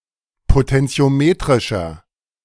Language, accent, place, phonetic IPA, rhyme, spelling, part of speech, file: German, Germany, Berlin, [potɛnt͡si̯oˈmeːtʁɪʃɐ], -eːtʁɪʃɐ, potentiometrischer, adjective, De-potentiometrischer.ogg
- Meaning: inflection of potentiometrisch: 1. strong/mixed nominative masculine singular 2. strong genitive/dative feminine singular 3. strong genitive plural